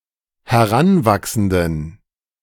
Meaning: inflection of heranwachsend: 1. strong genitive masculine/neuter singular 2. weak/mixed genitive/dative all-gender singular 3. strong/weak/mixed accusative masculine singular 4. strong dative plural
- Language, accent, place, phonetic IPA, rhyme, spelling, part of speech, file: German, Germany, Berlin, [hɛˈʁanˌvaksn̩dən], -anvaksn̩dən, heranwachsenden, adjective, De-heranwachsenden.ogg